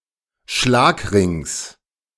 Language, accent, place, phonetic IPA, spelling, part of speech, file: German, Germany, Berlin, [ˈʃlaːkˌʁɪŋs], Schlagrings, noun, De-Schlagrings.ogg
- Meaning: genitive singular of Schlagring